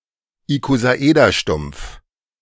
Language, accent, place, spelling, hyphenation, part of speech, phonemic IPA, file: German, Germany, Berlin, Ikosaederstumpf, Iko‧sa‧eder‧stumpf, noun, /ikozaˈ.eːdɐˌʃtʊm(p)f/, De-Ikosaederstumpf.ogg
- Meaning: truncated icosahedron